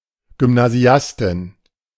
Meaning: female equivalent of Gymnasiast
- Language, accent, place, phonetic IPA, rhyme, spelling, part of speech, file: German, Germany, Berlin, [ɡʏmnaˈzi̯astɪn], -astɪn, Gymnasiastin, noun, De-Gymnasiastin.ogg